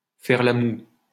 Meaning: to pout
- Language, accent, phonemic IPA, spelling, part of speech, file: French, France, /fɛʁ la mu/, faire la moue, verb, LL-Q150 (fra)-faire la moue.wav